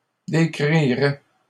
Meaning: third-person plural conditional of décrire
- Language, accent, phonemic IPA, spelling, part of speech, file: French, Canada, /de.kʁi.ʁɛ/, décriraient, verb, LL-Q150 (fra)-décriraient.wav